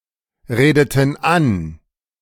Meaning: inflection of anreden: 1. first/third-person plural preterite 2. first/third-person plural subjunctive II
- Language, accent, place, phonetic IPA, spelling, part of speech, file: German, Germany, Berlin, [ˌʁeːdətn̩ ˈan], redeten an, verb, De-redeten an.ogg